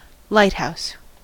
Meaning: A tower or other structure exhibiting a light or lights to warn or guide sailors
- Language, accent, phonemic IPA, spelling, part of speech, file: English, US, /ˈlaɪthaʊs/, lighthouse, noun, En-us-lighthouse.ogg